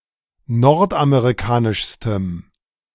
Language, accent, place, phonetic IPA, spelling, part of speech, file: German, Germany, Berlin, [ˈnɔʁtʔameʁiˌkaːnɪʃstəm], nordamerikanischstem, adjective, De-nordamerikanischstem.ogg
- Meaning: strong dative masculine/neuter singular superlative degree of nordamerikanisch